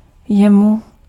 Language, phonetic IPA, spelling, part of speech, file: Czech, [ˈjɛmu], jemu, pronoun, Cs-jemu.ogg
- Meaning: dative singular of on and ono